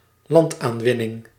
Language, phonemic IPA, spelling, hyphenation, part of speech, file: Dutch, /ˈlɑnt.aːnˌʋɪ.nɪŋ/, landaanwinning, land‧aan‧win‧ning, noun, Nl-landaanwinning.ogg
- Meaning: land reclamation (act, process or instance of reclaiming land from a body of water; land reclaimed in this way)